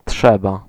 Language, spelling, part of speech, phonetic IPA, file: Polish, trzeba, verb, [ˈṭʃɛba], Pl-trzeba.ogg